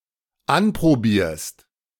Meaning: second-person singular dependent present of anprobieren
- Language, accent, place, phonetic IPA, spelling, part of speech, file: German, Germany, Berlin, [ˈanpʁoˌbiːɐ̯st], anprobierst, verb, De-anprobierst.ogg